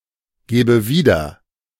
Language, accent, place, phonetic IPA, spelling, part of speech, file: German, Germany, Berlin, [ˌɡeːbə ˈviːdɐ], gebe wieder, verb, De-gebe wieder.ogg
- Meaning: inflection of wiedergeben: 1. first-person singular present 2. first/third-person singular subjunctive I